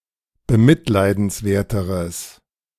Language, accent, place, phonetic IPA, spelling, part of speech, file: German, Germany, Berlin, [bəˈmɪtlaɪ̯dn̩sˌvɛɐ̯təʁəs], bemitleidenswerteres, adjective, De-bemitleidenswerteres.ogg
- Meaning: strong/mixed nominative/accusative neuter singular comparative degree of bemitleidenswert